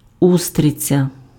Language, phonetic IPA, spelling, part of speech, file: Ukrainian, [ˈustret͡sʲɐ], устриця, noun, Uk-устриця.ogg
- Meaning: oyster (mollusk)